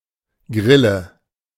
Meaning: 1. cricket (insect of the family Gryllidae) 2. whim, strange thought, freakish or fantastical idea, spleen
- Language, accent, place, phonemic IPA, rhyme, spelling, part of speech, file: German, Germany, Berlin, /ˈɡʁɪlə/, -ɪlə, Grille, noun, De-Grille.ogg